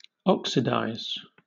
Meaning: 1. To combine with oxygen or otherwise make an oxide 2. To increase the valence (or the positive charge) of an element by removing electrons 3. To coat something with an oxide 4. To become oxidized
- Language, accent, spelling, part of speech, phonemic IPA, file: English, Southern England, oxidize, verb, /ˈɒksɪdaɪz/, LL-Q1860 (eng)-oxidize.wav